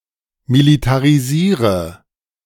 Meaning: inflection of militarisieren: 1. first-person singular present 2. first/third-person singular subjunctive I 3. singular imperative
- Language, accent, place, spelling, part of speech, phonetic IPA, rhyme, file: German, Germany, Berlin, militarisiere, verb, [militaʁiˈziːʁə], -iːʁə, De-militarisiere.ogg